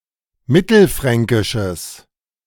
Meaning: strong/mixed nominative/accusative neuter singular of mittelfränkisch
- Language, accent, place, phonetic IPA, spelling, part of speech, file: German, Germany, Berlin, [ˈmɪtl̩ˌfʁɛŋkɪʃəs], mittelfränkisches, adjective, De-mittelfränkisches.ogg